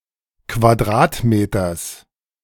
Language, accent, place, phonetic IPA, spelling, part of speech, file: German, Germany, Berlin, [kvaˈdʁaːtˌmeːtɐs], Quadratmeters, noun, De-Quadratmeters.ogg
- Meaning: genitive singular of Quadratmeter